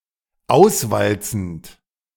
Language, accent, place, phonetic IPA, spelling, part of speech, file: German, Germany, Berlin, [ˈaʊ̯sˌvalt͡sn̩t], auswalzend, verb, De-auswalzend.ogg
- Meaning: present participle of auswalzen